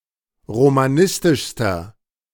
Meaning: inflection of romanistisch: 1. strong/mixed nominative masculine singular superlative degree 2. strong genitive/dative feminine singular superlative degree 3. strong genitive plural superlative degree
- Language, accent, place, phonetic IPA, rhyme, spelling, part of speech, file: German, Germany, Berlin, [ʁomaˈnɪstɪʃstɐ], -ɪstɪʃstɐ, romanistischster, adjective, De-romanistischster.ogg